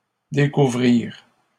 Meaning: third-person plural past historic of découvrir
- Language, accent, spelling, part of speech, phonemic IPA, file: French, Canada, découvrirent, verb, /de.ku.vʁiʁ/, LL-Q150 (fra)-découvrirent.wav